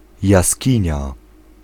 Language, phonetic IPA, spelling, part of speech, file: Polish, [jaˈsʲcĩɲa], jaskinia, noun, Pl-jaskinia.ogg